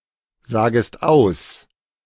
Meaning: second-person singular subjunctive I of aussagen
- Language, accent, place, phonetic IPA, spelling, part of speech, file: German, Germany, Berlin, [ˌzaːɡəst ˈaʊ̯s], sagest aus, verb, De-sagest aus.ogg